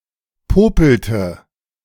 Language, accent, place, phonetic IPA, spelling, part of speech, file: German, Germany, Berlin, [ˈpoːpl̩tə], popelte, verb, De-popelte.ogg
- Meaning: inflection of popeln: 1. first/third-person singular preterite 2. first/third-person singular subjunctive II